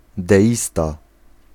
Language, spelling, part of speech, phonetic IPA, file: Polish, deista, noun, [dɛˈʲista], Pl-deista.ogg